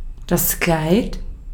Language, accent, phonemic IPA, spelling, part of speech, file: German, Austria, /klaɪ̯t/, Kleid, noun, De-at-Kleid.ogg
- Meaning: 1. dress, gown (kind of woman's garment) 2. garment 3. clothes 4. pelt, plumage